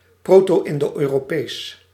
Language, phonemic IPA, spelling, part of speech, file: Dutch, /ˈprotoˌʔɪndoˌʔøroˌpes/, Proto-Indo-Europees, proper noun, Nl-Proto-Indo-Europees.ogg
- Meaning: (proper noun) Proto-Indo-European